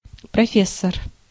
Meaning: professor
- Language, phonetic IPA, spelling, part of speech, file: Russian, [prɐˈfʲes(ː)ər], профессор, noun, Ru-профессор.ogg